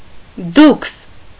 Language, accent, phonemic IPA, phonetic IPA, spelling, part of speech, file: Armenian, Eastern Armenian, /dukʰs/, [dukʰs], դուքս, noun, Hy-դուքս.ogg
- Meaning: duke